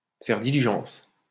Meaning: to make haste, to be quick, to hurry
- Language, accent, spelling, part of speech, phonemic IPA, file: French, France, faire diligence, verb, /fɛʁ di.li.ʒɑ̃s/, LL-Q150 (fra)-faire diligence.wav